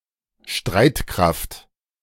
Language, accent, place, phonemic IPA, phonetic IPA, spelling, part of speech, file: German, Germany, Berlin, /ˈʃtraɪ̯tˌkraft/, [ˈʃtʁäe̯tˌkʁäft], Streitkraft, noun, De-Streitkraft.ogg
- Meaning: 1. armed forces 2. branch of a country's armed forces (army, navy, air force, etc.) 3. military power; military capacity; combat strength